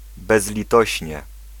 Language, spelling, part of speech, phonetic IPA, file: Polish, bezlitośnie, adverb, [ˌbɛzlʲiˈtɔɕɲɛ], Pl-bezlitośnie.ogg